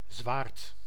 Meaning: 1. a sword, heavy blade weapon 2. a leeboard
- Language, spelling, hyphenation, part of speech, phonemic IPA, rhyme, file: Dutch, zwaard, zwaard, noun, /zʋaːrt/, -aːrt, Nl-zwaard.ogg